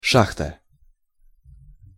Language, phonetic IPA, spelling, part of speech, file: Russian, [ˈʂaxtə], шахта, noun, Ru-шахта.ogg
- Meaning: 1. mine, pit (place from which ore is extracted) 2. shaft 3. silo